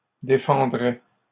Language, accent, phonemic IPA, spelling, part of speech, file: French, Canada, /de.fɑ̃.dʁɛ/, défendraient, verb, LL-Q150 (fra)-défendraient.wav
- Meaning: third-person plural conditional of défendre